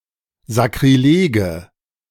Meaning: nominative/accusative/genitive plural of Sakrileg
- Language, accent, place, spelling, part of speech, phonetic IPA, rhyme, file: German, Germany, Berlin, Sakrilege, noun, [zakʁiˈleːɡə], -eːɡə, De-Sakrilege.ogg